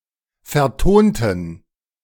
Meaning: inflection of vertonen: 1. first/third-person plural preterite 2. first/third-person plural subjunctive II
- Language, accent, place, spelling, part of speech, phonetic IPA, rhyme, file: German, Germany, Berlin, vertonten, adjective / verb, [fɛɐ̯ˈtoːntn̩], -oːntn̩, De-vertonten.ogg